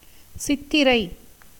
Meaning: 1. Chithirai, the first month of the Tamil year, occurring in April-May in the Gregorian Calendar 2. the 14th nakṣatra, part of the constellation Virgo; the star Spica
- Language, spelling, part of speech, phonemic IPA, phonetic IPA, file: Tamil, சித்திரை, proper noun, /tʃɪt̪ːɪɾɐɪ̯/, [sɪt̪ːɪɾɐɪ̯], Ta-சித்திரை.ogg